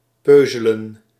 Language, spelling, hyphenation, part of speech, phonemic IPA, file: Dutch, peuzelen, peu‧ze‧len, verb, /ˈpøː.zə.lə(n)/, Nl-peuzelen.ogg
- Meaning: 1. to gnaw, to eat in small pieces 2. to snack